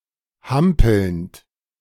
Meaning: present participle of hampeln
- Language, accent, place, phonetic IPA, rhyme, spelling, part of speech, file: German, Germany, Berlin, [ˈhampl̩nt], -ampl̩nt, hampelnd, verb, De-hampelnd.ogg